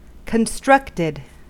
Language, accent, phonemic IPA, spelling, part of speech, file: English, US, /kənˈstɹʌktəd/, constructed, verb / adjective, En-us-constructed.ogg
- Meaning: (verb) simple past and past participle of construct; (adjective) Artificial; man-made